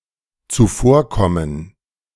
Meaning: to pre-empt, to anticipate
- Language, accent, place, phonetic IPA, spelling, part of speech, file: German, Germany, Berlin, [t͡suˈfoːɐ̯ˌkɔmən], zuvorkommen, verb, De-zuvorkommen.ogg